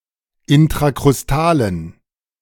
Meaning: inflection of intrakrustal: 1. strong genitive masculine/neuter singular 2. weak/mixed genitive/dative all-gender singular 3. strong/weak/mixed accusative masculine singular 4. strong dative plural
- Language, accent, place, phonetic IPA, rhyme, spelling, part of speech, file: German, Germany, Berlin, [ɪntʁakʁʊsˈtaːlən], -aːlən, intrakrustalen, adjective, De-intrakrustalen.ogg